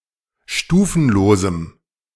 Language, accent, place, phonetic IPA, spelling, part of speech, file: German, Germany, Berlin, [ˈʃtuːfn̩loːzm̩], stufenlosem, adjective, De-stufenlosem.ogg
- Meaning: strong dative masculine/neuter singular of stufenlos